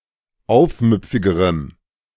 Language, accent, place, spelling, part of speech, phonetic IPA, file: German, Germany, Berlin, aufmüpfigerem, adjective, [ˈaʊ̯fˌmʏp͡fɪɡəʁəm], De-aufmüpfigerem.ogg
- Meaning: strong dative masculine/neuter singular comparative degree of aufmüpfig